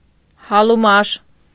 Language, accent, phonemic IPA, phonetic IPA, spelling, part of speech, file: Armenian, Eastern Armenian, /hɑluˈmɑʃ/, [hɑlumɑ́ʃ], հալումաշ, adjective, Hy-հալումաշ.ogg
- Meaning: worn, exhausted, weak, weary